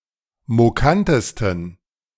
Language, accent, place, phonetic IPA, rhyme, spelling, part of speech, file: German, Germany, Berlin, [moˈkantəstn̩], -antəstn̩, mokantesten, adjective, De-mokantesten.ogg
- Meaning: 1. superlative degree of mokant 2. inflection of mokant: strong genitive masculine/neuter singular superlative degree